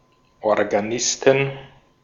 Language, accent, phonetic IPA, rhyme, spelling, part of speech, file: German, Austria, [ɔʁɡaˈnɪstn̩], -ɪstn̩, Organisten, noun, De-at-Organisten.ogg
- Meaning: inflection of Organist: 1. genitive/dative/accusative singular 2. nominative/genitive/dative/accusative plural